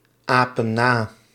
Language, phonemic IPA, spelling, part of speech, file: Dutch, /ˈapə(n) ˈna/, apen na, verb, Nl-apen na.ogg
- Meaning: inflection of na-apen: 1. plural present indicative 2. plural present subjunctive